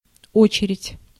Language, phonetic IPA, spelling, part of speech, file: Russian, [ˈot͡ɕɪrʲɪtʲ], очередь, noun, Ru-очередь.ogg
- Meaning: 1. queue, line 2. turn, order, succession 3. phase (of a project) 4. salvo, volley, burst of fire